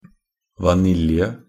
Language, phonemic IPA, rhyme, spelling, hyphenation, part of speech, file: Norwegian Bokmål, /vaˈnɪljə/, -ɪljə, vanilje, va‧nil‧je, noun, Nb-vanilje.ogg
- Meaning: Vanilla (a taxonomic genus within the family Orchidaceae – vanilla orchids)